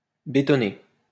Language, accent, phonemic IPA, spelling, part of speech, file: French, France, /be.tɔ.ne/, bétonné, verb, LL-Q150 (fra)-bétonné.wav
- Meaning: past participle of bétonner